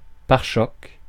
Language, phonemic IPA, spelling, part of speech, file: French, /paʁ.ʃɔk/, pare-chocs, noun, Fr-pare-chocs.ogg
- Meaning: bumper (UK), fender (US)